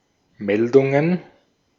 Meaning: plural of Meldung
- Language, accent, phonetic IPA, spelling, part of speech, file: German, Austria, [ˈmɛldʊŋən], Meldungen, noun, De-at-Meldungen.ogg